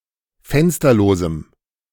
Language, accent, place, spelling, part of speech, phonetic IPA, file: German, Germany, Berlin, fensterlosem, adjective, [ˈfɛnstɐloːzm̩], De-fensterlosem.ogg
- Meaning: strong dative masculine/neuter singular of fensterlos